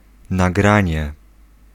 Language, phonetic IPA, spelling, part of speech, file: Polish, [naˈɡrãɲɛ], nagranie, noun, Pl-nagranie.ogg